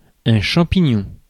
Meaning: 1. mushroom 2. fungus (in general) 3. fungal infection 4. mold / mould (woolly or furry growth of tiny fungi) 5. accelerator pedal 6. jerk, bastard, asshole
- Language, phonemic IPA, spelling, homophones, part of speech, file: French, /ʃɑ̃.pi.ɲɔ̃/, champignon, champignons, noun, Fr-champignon.ogg